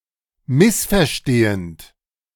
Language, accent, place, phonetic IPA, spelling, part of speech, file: German, Germany, Berlin, [ˈmɪsfɛɐ̯ˌʃteːənt], missverstehend, verb, De-missverstehend.ogg
- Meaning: present participle of missverstehen